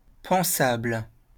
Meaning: thinkable; considerable (worthy of being considered)
- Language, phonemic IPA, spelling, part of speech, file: French, /pɑ̃.sabl/, pensable, adjective, LL-Q150 (fra)-pensable.wav